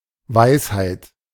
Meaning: 1. wisdom 2. insight 3. wise saying, wise words
- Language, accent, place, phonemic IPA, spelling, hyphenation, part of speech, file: German, Germany, Berlin, /ˈvaɪ̯shaɪ̯t/, Weisheit, Weis‧heit, noun, De-Weisheit.ogg